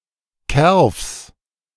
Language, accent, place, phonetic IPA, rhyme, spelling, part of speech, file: German, Germany, Berlin, [kɛʁfs], -ɛʁfs, Kerfs, noun, De-Kerfs.ogg
- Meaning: genitive singular of Kerf